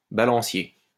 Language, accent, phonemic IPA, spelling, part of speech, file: French, France, /ba.lɑ̃.sje/, balancier, noun, LL-Q150 (fra)-balancier.wav
- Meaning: 1. pendulum 2. balance wheel 3. beam 4. balancing pole 5. outrigger 6. haltere